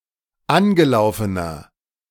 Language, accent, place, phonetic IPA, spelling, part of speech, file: German, Germany, Berlin, [ˈanɡəˌlaʊ̯fənɐ], angelaufener, adjective, De-angelaufener.ogg
- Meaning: inflection of angelaufen: 1. strong/mixed nominative masculine singular 2. strong genitive/dative feminine singular 3. strong genitive plural